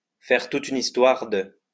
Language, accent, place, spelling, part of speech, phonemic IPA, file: French, France, Lyon, faire toute une histoire de, verb, /fɛʁ tu.t‿y.n‿is.twaʁ də/, LL-Q150 (fra)-faire toute une histoire de.wav
- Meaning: to make a big thing out of, to make a meal of